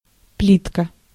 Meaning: 1. diminutive of плита́ (plitá): a (small, thin) slab; a (small) cooking range, stove 2. tile, tiles 3. paver block, paver blocks (regularly shaped)
- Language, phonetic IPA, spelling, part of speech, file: Russian, [ˈplʲitkə], плитка, noun, Ru-плитка.ogg